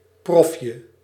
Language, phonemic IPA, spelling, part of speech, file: Dutch, /ˈprɔfjə/, profje, noun, Nl-profje.ogg
- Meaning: diminutive of prof